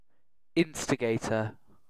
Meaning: A person who intentionally instigates, incites, or starts something, especially one that creates trouble
- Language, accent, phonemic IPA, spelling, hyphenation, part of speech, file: English, Received Pronunciation, /ˈɪnstɪɡeɪtə/, instigator, in‧sti‧gat‧or, noun, En-uk-instigator.ogg